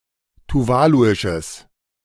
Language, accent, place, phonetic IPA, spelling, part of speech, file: German, Germany, Berlin, [tuˈvaːluɪʃəs], tuvaluisches, adjective, De-tuvaluisches.ogg
- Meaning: strong/mixed nominative/accusative neuter singular of tuvaluisch